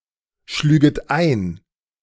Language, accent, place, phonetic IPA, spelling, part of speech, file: German, Germany, Berlin, [ˌʃlyːɡət ˈaɪ̯n], schlüget ein, verb, De-schlüget ein.ogg
- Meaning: second-person plural subjunctive I of einschlagen